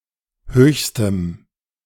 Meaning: strong dative masculine/neuter singular superlative degree of hoch
- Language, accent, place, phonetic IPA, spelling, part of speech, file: German, Germany, Berlin, [ˈhøːçstəm], höchstem, adjective, De-höchstem.ogg